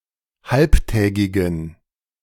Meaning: inflection of halbtägig: 1. strong genitive masculine/neuter singular 2. weak/mixed genitive/dative all-gender singular 3. strong/weak/mixed accusative masculine singular 4. strong dative plural
- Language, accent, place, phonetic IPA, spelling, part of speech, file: German, Germany, Berlin, [ˈhalptɛːɡɪɡn̩], halbtägigen, adjective, De-halbtägigen.ogg